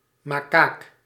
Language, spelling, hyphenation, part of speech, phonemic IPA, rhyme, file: Dutch, makaak, ma‧kaak, noun, /maːˈkaːk/, -aːk, Nl-makaak.ogg
- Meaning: 1. macaque (any monkey of the genus Macaca) 2. a person from North Africa or of North African descent